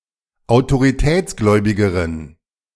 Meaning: inflection of autoritätsgläubig: 1. strong genitive masculine/neuter singular comparative degree 2. weak/mixed genitive/dative all-gender singular comparative degree
- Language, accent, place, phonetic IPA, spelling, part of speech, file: German, Germany, Berlin, [aʊ̯toʁiˈtɛːt͡sˌɡlɔɪ̯bɪɡəʁən], autoritätsgläubigeren, adjective, De-autoritätsgläubigeren.ogg